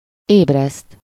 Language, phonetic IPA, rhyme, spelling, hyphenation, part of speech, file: Hungarian, [ˈeːbrɛst], -ɛst, ébreszt, éb‧reszt, verb, Hu-ébreszt.ogg
- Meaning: 1. to wake up somebody 2. to arouse, awaken, stir up, inspire